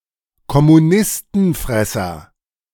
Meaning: A fanatical anticommunist
- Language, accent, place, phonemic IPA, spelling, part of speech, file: German, Germany, Berlin, /kɔmuˈnɪstənˌfʁɛsɐ/, Kommunistenfresser, noun, De-Kommunistenfresser.ogg